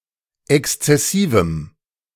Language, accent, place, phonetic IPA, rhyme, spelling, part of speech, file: German, Germany, Berlin, [ˌɛkst͡sɛˈsiːvm̩], -iːvm̩, exzessivem, adjective, De-exzessivem.ogg
- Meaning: strong dative masculine/neuter singular of exzessiv